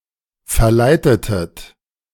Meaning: inflection of verleiten: 1. second-person plural preterite 2. second-person plural subjunctive II
- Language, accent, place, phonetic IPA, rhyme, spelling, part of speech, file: German, Germany, Berlin, [fɛɐ̯ˈlaɪ̯tətət], -aɪ̯tətət, verleitetet, verb, De-verleitetet.ogg